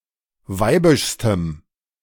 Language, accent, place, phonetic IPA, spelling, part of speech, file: German, Germany, Berlin, [ˈvaɪ̯bɪʃstəm], weibischstem, adjective, De-weibischstem.ogg
- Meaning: strong dative masculine/neuter singular superlative degree of weibisch